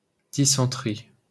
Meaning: dysentery
- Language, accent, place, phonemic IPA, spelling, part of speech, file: French, France, Paris, /di.sɑ̃.tʁi/, dysenterie, noun, LL-Q150 (fra)-dysenterie.wav